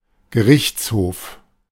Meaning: law court; court of justice
- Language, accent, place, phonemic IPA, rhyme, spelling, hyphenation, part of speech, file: German, Germany, Berlin, /ɡəˈʁɪçt͡sˌhoːf/, -oːf, Gerichtshof, Ge‧richts‧hof, noun, De-Gerichtshof.ogg